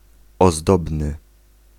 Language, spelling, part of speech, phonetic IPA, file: Polish, ozdobny, adjective, [ɔˈzdɔbnɨ], Pl-ozdobny.ogg